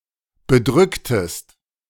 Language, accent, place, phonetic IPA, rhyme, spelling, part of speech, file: German, Germany, Berlin, [bəˈdʁʏktəst], -ʏktəst, bedrücktest, verb, De-bedrücktest.ogg
- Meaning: inflection of bedrücken: 1. second-person singular preterite 2. second-person singular subjunctive II